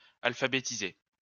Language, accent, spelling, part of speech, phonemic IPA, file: French, France, alphabétiser, verb, /al.fa.be.ti.ze/, LL-Q150 (fra)-alphabétiser.wav
- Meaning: 1. to teach to read and write 2. to eliminate illiteracy in (a country)